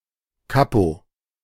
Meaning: 1. corporal, non-commissioned officer 2. foreman
- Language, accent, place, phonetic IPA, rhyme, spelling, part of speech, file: German, Germany, Berlin, [ˈkapo], -apo, Kapo, noun, De-Kapo.ogg